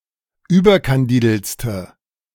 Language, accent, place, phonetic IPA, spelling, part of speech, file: German, Germany, Berlin, [ˈyːbɐkanˌdiːdl̩t͡stə], überkandideltste, adjective, De-überkandideltste.ogg
- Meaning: inflection of überkandidelt: 1. strong/mixed nominative/accusative feminine singular superlative degree 2. strong nominative/accusative plural superlative degree